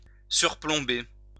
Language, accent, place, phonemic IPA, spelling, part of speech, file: French, France, Lyon, /syʁ.plɔ̃.be/, surplomber, verb, LL-Q150 (fra)-surplomber.wav
- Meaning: 1. to overhang 2. to overlook 3. to hang over, to hang above